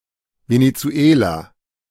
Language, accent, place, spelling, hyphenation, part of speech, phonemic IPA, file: German, Germany, Berlin, Venezuela, Ve‧ne‧zu‧e‧la, proper noun, /veneˈtsu̯eːla/, De-Venezuela.ogg
- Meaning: Venezuela (a country in South America; official name: Bolivarische Republik Venezuela)